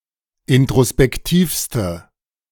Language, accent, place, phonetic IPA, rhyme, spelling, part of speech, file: German, Germany, Berlin, [ɪntʁospɛkˈtiːfstə], -iːfstə, introspektivste, adjective, De-introspektivste.ogg
- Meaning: inflection of introspektiv: 1. strong/mixed nominative/accusative feminine singular superlative degree 2. strong nominative/accusative plural superlative degree